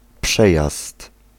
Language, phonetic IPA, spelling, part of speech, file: Polish, [ˈpʃɛjast], przejazd, noun, Pl-przejazd.ogg